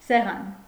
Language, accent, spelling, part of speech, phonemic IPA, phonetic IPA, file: Armenian, Eastern Armenian, սեղան, noun, /seˈʁɑn/, [seʁɑ́n], Hy-սեղան.ogg
- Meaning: 1. table 2. meal, food, table 3. trapezium, trapezoid 4. altar